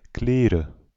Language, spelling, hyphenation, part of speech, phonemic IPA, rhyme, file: Dutch, klere, kle‧re, noun, /ˈkleː.rə/, -eːrə, Nl-klere.ogg
- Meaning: cholera